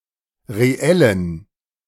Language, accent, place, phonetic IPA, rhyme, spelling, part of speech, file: German, Germany, Berlin, [ʁeˈɛlən], -ɛlən, reellen, adjective, De-reellen.ogg
- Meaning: inflection of reell: 1. strong genitive masculine/neuter singular 2. weak/mixed genitive/dative all-gender singular 3. strong/weak/mixed accusative masculine singular 4. strong dative plural